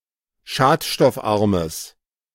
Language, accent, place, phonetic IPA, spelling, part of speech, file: German, Germany, Berlin, [ˈʃaːtʃtɔfˌʔaʁməs], schadstoffarmes, adjective, De-schadstoffarmes.ogg
- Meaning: strong/mixed nominative/accusative neuter singular of schadstoffarm